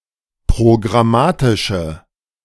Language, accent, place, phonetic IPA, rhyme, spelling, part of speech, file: German, Germany, Berlin, [pʁoɡʁaˈmaːtɪʃə], -aːtɪʃə, programmatische, adjective, De-programmatische.ogg
- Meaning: inflection of programmatisch: 1. strong/mixed nominative/accusative feminine singular 2. strong nominative/accusative plural 3. weak nominative all-gender singular